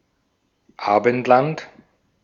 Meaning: The Western world; Christendom
- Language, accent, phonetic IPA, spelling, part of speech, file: German, Austria, [ˈaːbn̩tlant], Abendland, noun, De-at-Abendland.ogg